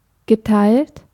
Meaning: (verb) past participle of teilen; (adjective) 1. shared, split 2. divided 3. per fess
- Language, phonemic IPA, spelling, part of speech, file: German, /ɡəˈtaɪ̯lt/, geteilt, verb / adjective, De-geteilt.ogg